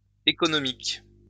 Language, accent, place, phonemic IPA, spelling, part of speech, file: French, France, Lyon, /e.kɔ.nɔ.mik/, économiques, adjective, LL-Q150 (fra)-économiques.wav
- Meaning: plural of économique